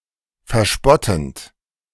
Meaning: present participle of verspotten
- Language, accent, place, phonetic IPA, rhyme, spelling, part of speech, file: German, Germany, Berlin, [fɛɐ̯ˈʃpɔtn̩t], -ɔtn̩t, verspottend, verb, De-verspottend.ogg